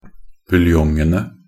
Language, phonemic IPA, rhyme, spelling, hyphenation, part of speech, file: Norwegian Bokmål, /bʉlˈjɔŋənə/, -ənə, buljongene, bul‧jong‧en‧e, noun, Nb-buljongene.ogg
- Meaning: definite plural of buljong